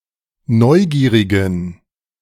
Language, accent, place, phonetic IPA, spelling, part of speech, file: German, Germany, Berlin, [ˈnɔɪ̯ˌɡiːʁɪɡn̩], neugierigen, adjective, De-neugierigen.ogg
- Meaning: inflection of neugierig: 1. strong genitive masculine/neuter singular 2. weak/mixed genitive/dative all-gender singular 3. strong/weak/mixed accusative masculine singular 4. strong dative plural